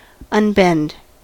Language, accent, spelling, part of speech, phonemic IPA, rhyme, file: English, US, unbend, verb, /ʌnˈbɛnd/, -ɛnd, En-us-unbend.ogg
- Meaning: 1. To remove a bend so as to make, or allow to become, straight 2. To release (a load) from a strain or from exertion; to set at ease for a time; to relax